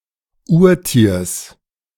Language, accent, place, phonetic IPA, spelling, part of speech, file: German, Germany, Berlin, [ˈuːɐ̯ˌtiːɐ̯s], Urtiers, noun, De-Urtiers.ogg
- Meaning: genitive singular of Urtier